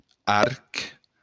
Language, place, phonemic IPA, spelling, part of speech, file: Occitan, Béarn, /aɾk/, arc, noun, LL-Q14185 (oci)-arc.wav
- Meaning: 1. bow 2. arch, arc